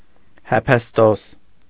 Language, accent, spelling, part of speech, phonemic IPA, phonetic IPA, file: Armenian, Eastern Armenian, Հեփեստոս, proper noun, /hepʰesˈtos/, [hepʰestós], Hy-Հեփեստոս.ogg
- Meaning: Hephaestus